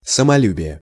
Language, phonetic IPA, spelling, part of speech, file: Russian, [səmɐˈlʲʉbʲɪje], самолюбие, noun, Ru-самолюбие.ogg
- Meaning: self-esteem, self-respect, pride